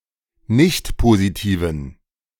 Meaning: inflection of nichtpositiv: 1. strong genitive masculine/neuter singular 2. weak/mixed genitive/dative all-gender singular 3. strong/weak/mixed accusative masculine singular 4. strong dative plural
- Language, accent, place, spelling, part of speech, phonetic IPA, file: German, Germany, Berlin, nichtpositiven, adjective, [ˈnɪçtpoziˌtiːvn̩], De-nichtpositiven.ogg